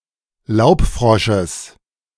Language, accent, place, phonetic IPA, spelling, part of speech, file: German, Germany, Berlin, [ˈlaʊ̯pˌfʁɔʃəs], Laubfrosches, noun, De-Laubfrosches.ogg
- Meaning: genitive singular of Laubfrosch